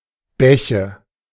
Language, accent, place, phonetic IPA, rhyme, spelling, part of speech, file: German, Germany, Berlin, [ˈbɛçə], -ɛçə, Bäche, noun, De-Bäche.ogg
- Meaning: nominative/accusative/genitive plural of Bach